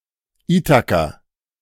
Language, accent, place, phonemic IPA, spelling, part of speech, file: German, Germany, Berlin, /ˈiːtakɐ/, Itaker, noun, De-Itaker.ogg
- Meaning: wop (an Italian)